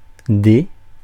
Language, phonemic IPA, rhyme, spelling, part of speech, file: French, /de/, -e, dé, noun, Fr-dé.ogg
- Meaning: 1. die (dice) 2. diced slice (of meat) 3. thimble 4. The name of the Latin script letter D/d